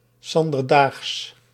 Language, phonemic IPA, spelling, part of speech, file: Dutch, /ˌsɑn.dərˈdaːxs/, 's anderdaags, phrase, Nl-'s anderdaags.ogg
- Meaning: (on) the next day